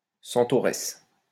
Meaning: female equivalent of centaure: centauress (female centaur)
- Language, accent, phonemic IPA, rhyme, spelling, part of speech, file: French, France, /sɑ̃.tɔ.ʁɛs/, -ɛs, centauresse, noun, LL-Q150 (fra)-centauresse.wav